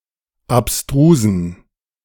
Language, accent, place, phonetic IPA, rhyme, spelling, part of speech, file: German, Germany, Berlin, [apˈstʁuːzn̩], -uːzn̩, abstrusen, adjective, De-abstrusen.ogg
- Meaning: inflection of abstrus: 1. strong genitive masculine/neuter singular 2. weak/mixed genitive/dative all-gender singular 3. strong/weak/mixed accusative masculine singular 4. strong dative plural